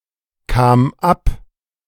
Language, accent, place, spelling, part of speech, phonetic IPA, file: German, Germany, Berlin, kam ab, verb, [ˌkaːm ˈap], De-kam ab.ogg
- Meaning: first/third-person singular preterite of abkommen